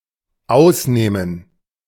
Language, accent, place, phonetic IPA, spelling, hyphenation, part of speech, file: German, Germany, Berlin, [ˈʔaʊsˌneːmən], ausnehmen, aus‧neh‧men, verb, De-ausnehmen.ogg
- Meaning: 1. to exclude 2. to exempt 3. to fleece 4. to clean out 5. to gut